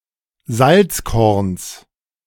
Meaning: genitive of Salzkorn
- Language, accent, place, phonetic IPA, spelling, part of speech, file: German, Germany, Berlin, [ˈzalt͡sˌkɔʁns], Salzkorns, noun, De-Salzkorns.ogg